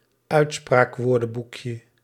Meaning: diminutive of uitspraakwoordenboek
- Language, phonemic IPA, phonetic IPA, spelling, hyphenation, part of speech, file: Dutch, /ˈœy̯tspraːkˌʋoːrdə(n)bukjə/, [ˈœy̯tspraːkˌʋʊːrdə(m)bukjə], uitspraakwoordenboekje, uit‧spraak‧woor‧den‧boek‧je, noun, Nl-uitspraakwoordenboekje.ogg